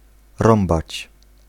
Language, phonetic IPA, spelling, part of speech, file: Polish, [ˈrɔ̃mbat͡ɕ], rąbać, verb, Pl-rąbać.ogg